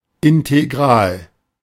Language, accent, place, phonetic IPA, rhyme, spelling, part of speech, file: German, Germany, Berlin, [ɪnteˈɡʁaːl], -aːl, Integral, noun, De-Integral.ogg
- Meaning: integral (notion in mathematics)